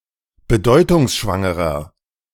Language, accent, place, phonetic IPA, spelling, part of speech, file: German, Germany, Berlin, [bəˈdɔɪ̯tʊŋsʃvaŋəʁɐ], bedeutungsschwangerer, adjective, De-bedeutungsschwangerer.ogg
- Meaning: inflection of bedeutungsschwanger: 1. strong/mixed nominative masculine singular 2. strong genitive/dative feminine singular 3. strong genitive plural